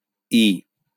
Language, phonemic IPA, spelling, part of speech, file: Bengali, /i/, ই, character, LL-Q9610 (ben)-ই.wav
- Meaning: The third character in the Bengali abugida